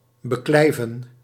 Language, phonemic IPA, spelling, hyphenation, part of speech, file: Dutch, /bəˈklɛi̯.və(n)/, beklijven, be‧klij‧ven, verb, Nl-beklijven.ogg
- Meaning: 1. to last, to remain, to endure 2. to remain attached, to adhere, to stick 3. to thrive, to grow propitiously (especially of plants)